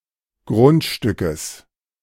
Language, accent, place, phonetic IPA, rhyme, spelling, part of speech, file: German, Germany, Berlin, [ˈɡʁʊntˌʃtʏkəs], -ʊntʃtʏkəs, Grundstückes, noun, De-Grundstückes.ogg
- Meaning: genitive singular of Grundstück